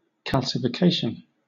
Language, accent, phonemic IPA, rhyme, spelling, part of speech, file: English, Southern England, /ˌkælsɪfɪˈkeɪʃən/, -eɪʃən, calcification, noun, LL-Q1860 (eng)-calcification.wav
- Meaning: The process of change into a stony or calcareous substance by the deposition of lime salt; normally, as in the formation of bone and of teeth; abnormally, as in the calcareous degeneration of tissue